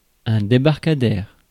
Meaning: landing stage, jetty
- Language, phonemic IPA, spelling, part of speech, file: French, /de.baʁ.ka.dɛʁ/, débarcadère, noun, Fr-débarcadère.ogg